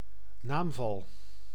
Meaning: case
- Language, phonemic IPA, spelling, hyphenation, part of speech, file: Dutch, /ˈnaːm.vɑl/, naamval, naam‧val, noun, Nl-naamval.ogg